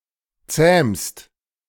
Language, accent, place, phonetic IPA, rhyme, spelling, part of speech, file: German, Germany, Berlin, [t͡sɛːmst], -ɛːmst, zähmst, verb, De-zähmst.ogg
- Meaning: second-person singular present of zähmen